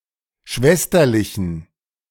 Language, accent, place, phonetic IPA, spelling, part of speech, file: German, Germany, Berlin, [ˈʃvɛstɐlɪçn̩], schwesterlichen, adjective, De-schwesterlichen.ogg
- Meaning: inflection of schwesterlich: 1. strong genitive masculine/neuter singular 2. weak/mixed genitive/dative all-gender singular 3. strong/weak/mixed accusative masculine singular 4. strong dative plural